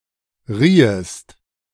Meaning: second-person singular subjunctive II of reihen
- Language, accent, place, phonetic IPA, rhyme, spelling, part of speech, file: German, Germany, Berlin, [ˈʁiːəst], -iːəst, riehest, verb, De-riehest.ogg